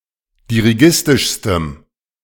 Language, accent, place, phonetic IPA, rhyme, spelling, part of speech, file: German, Germany, Berlin, [diʁiˈɡɪstɪʃstəm], -ɪstɪʃstəm, dirigistischstem, adjective, De-dirigistischstem.ogg
- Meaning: strong dative masculine/neuter singular superlative degree of dirigistisch